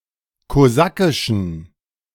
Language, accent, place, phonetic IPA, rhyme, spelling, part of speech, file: German, Germany, Berlin, [koˈzakɪʃn̩], -akɪʃn̩, kosakischen, adjective, De-kosakischen.ogg
- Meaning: inflection of kosakisch: 1. strong genitive masculine/neuter singular 2. weak/mixed genitive/dative all-gender singular 3. strong/weak/mixed accusative masculine singular 4. strong dative plural